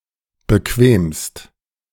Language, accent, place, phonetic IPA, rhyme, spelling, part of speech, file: German, Germany, Berlin, [bəˈkveːmst], -eːmst, bequemst, verb, De-bequemst.ogg
- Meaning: second-person singular present of bequemen